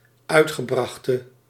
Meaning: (adjective) inflection of uitgebracht: 1. masculine/feminine singular attributive 2. definite neuter singular attributive 3. plural attributive
- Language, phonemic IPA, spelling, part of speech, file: Dutch, /ˈœytɣəˌbrɑxtə/, uitgebrachte, verb / adjective, Nl-uitgebrachte.ogg